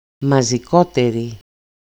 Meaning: nominative/accusative/vocative feminine singular of μαζικότερος (mazikóteros), the comparative degree of μαζικός (mazikós)
- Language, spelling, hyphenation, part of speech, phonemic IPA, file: Greek, μαζικότερη, μα‧ζι‧κό‧τε‧ρη, adjective, /ma.zi.ˈko.te.ri/, EL-μαζικότερη.ogg